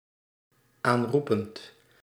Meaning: present participle of aanroepen
- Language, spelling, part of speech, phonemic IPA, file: Dutch, aanroepend, verb, /ˈanrupənt/, Nl-aanroepend.ogg